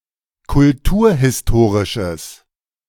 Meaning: strong/mixed nominative/accusative neuter singular of kulturhistorisch
- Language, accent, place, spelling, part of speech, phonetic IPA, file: German, Germany, Berlin, kulturhistorisches, adjective, [kʊlˈtuːɐ̯hɪsˌtoːʁɪʃəs], De-kulturhistorisches.ogg